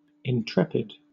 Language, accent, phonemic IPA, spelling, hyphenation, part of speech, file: English, Southern England, /ɪnˈtɹɛpɪd/, intrepid, in‧trepid, adjective, LL-Q1860 (eng)-intrepid.wav
- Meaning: Fearless; bold; brave